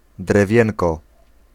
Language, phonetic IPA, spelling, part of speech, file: Polish, [drɛˈvʲjɛ̃nkɔ], drewienko, noun, Pl-drewienko.ogg